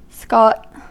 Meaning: 1. A local tax, paid originally to the lord or ruler and later to a sheriff 2. A fury; a fit of temper
- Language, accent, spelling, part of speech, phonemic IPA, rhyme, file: English, US, scot, noun, /skɒt/, -ɒt, En-us-scot.ogg